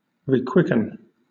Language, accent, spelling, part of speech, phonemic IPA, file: English, Southern England, requicken, verb, /riːˈkwɪkən/, LL-Q1860 (eng)-requicken.wav
- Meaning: To quicken anew; to reanimate or give new life to